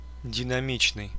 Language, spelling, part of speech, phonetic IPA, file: Russian, динамичный, adjective, [dʲɪnɐˈmʲit͡ɕnɨj], Ru-динами́чный.ogg
- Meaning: dynamic